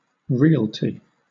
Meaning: 1. Real estate; a piece of real property; land 2. The property that goes to the heirs of the deceased, as distinguished from the personalty, which goes to the executor or administrator of the estate
- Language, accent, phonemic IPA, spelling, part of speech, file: English, Southern England, /ˈɹɪəlti/, realty, noun, LL-Q1860 (eng)-realty.wav